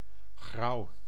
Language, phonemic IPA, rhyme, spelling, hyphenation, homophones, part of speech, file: Dutch, /ɣrɑu̯/, -ɑu̯, grauw, grauw, Grouw, adjective / noun, Nl-grauw.ogg
- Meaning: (adjective) 1. grey, not brightly colored, ashen, grubby, grimy 2. dreary, grim, gloomy; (noun) 1. the colour grey 2. grey stone or brick 3. poor people 4. plebs